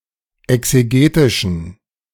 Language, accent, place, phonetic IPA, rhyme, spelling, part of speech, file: German, Germany, Berlin, [ɛkseˈɡeːtɪʃn̩], -eːtɪʃn̩, exegetischen, adjective, De-exegetischen.ogg
- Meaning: inflection of exegetisch: 1. strong genitive masculine/neuter singular 2. weak/mixed genitive/dative all-gender singular 3. strong/weak/mixed accusative masculine singular 4. strong dative plural